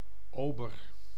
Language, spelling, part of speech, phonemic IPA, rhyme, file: Dutch, ober, noun, /ˈoːbər/, -oːbər, Nl-ober.ogg
- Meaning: waiter